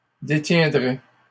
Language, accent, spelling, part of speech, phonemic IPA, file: French, Canada, détiendraient, verb, /de.tjɛ̃.dʁɛ/, LL-Q150 (fra)-détiendraient.wav
- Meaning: third-person plural conditional of détenir